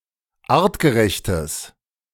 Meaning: strong/mixed nominative/accusative neuter singular of artgerecht
- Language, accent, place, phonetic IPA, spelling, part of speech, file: German, Germany, Berlin, [ˈaːʁtɡəˌʁɛçtəs], artgerechtes, adjective, De-artgerechtes.ogg